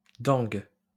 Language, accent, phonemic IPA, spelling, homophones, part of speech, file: French, France, /dɛ̃ɡ/, dengue, dingue / dingues, noun, LL-Q150 (fra)-dengue.wav
- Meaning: dengue